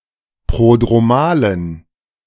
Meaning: inflection of prodromal: 1. strong genitive masculine/neuter singular 2. weak/mixed genitive/dative all-gender singular 3. strong/weak/mixed accusative masculine singular 4. strong dative plural
- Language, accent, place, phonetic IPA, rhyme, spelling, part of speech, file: German, Germany, Berlin, [ˌpʁodʁoˈmaːlən], -aːlən, prodromalen, adjective, De-prodromalen.ogg